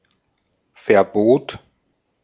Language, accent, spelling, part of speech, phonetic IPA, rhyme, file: German, Austria, Verbot, noun, [fɛɐ̯ˈboːt], -oːt, De-at-Verbot.ogg
- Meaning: prohibition, ban